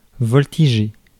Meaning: 1. to flit, flutter 2. to flit about (a place) (en), flutter about (a place) 3. to get kicked out, chucked out 4. to fly, to take a plane
- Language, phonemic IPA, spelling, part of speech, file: French, /vɔl.ti.ʒe/, voltiger, verb, Fr-voltiger.ogg